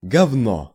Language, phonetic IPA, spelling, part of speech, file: Russian, [ɡɐvˈno], говно, noun, Ru-говно.ogg
- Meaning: 1. shit 2. shit, shithead, shitass, turd (worthless person) 3. shit, crap, junk (worthless thing) 4. bullshit (nonsense)